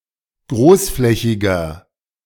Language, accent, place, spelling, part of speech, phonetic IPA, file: German, Germany, Berlin, großflächiger, adjective, [ˈɡʁoːsˌflɛçɪɡɐ], De-großflächiger.ogg
- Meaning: 1. comparative degree of großflächig 2. inflection of großflächig: strong/mixed nominative masculine singular 3. inflection of großflächig: strong genitive/dative feminine singular